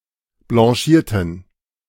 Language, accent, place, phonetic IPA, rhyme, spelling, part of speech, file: German, Germany, Berlin, [blɑ̃ˈʃiːɐ̯tn̩], -iːɐ̯tn̩, blanchierten, adjective / verb, De-blanchierten.ogg
- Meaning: inflection of blanchieren: 1. first/third-person plural preterite 2. first/third-person plural subjunctive II